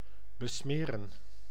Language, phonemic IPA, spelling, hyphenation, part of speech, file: Dutch, /bəˈsmeːrə(n)/, besmeren, be‧sme‧ren, verb, Nl-besmeren.ogg
- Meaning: to grease, to dirty, to apply grease or dirt to